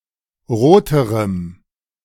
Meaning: strong dative masculine/neuter singular comparative degree of rot
- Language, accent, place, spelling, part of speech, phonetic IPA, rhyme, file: German, Germany, Berlin, roterem, adjective, [ˈʁoːtəʁəm], -oːtəʁəm, De-roterem.ogg